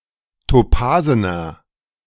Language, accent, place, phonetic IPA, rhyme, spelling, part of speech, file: German, Germany, Berlin, [toˈpaːzənɐ], -aːzənɐ, topasener, adjective, De-topasener.ogg
- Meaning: inflection of topasen: 1. strong/mixed nominative masculine singular 2. strong genitive/dative feminine singular 3. strong genitive plural